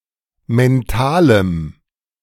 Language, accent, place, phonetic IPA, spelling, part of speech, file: German, Germany, Berlin, [mɛnˈtaːləm], mentalem, adjective, De-mentalem.ogg
- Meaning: strong dative masculine/neuter singular of mental